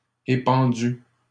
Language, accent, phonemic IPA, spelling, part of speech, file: French, Canada, /e.pɑ̃.dy/, épandues, adjective, LL-Q150 (fra)-épandues.wav
- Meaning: feminine plural of épandu